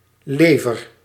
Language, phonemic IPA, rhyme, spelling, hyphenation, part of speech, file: Dutch, /ˈleːvər/, -eːvər, lever, le‧ver, noun / verb, Nl-lever.ogg
- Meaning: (noun) 1. liver 2. edible animal liver as a dish or culinary ingredient; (verb) inflection of leveren: 1. first-person singular present indicative 2. second-person singular present indicative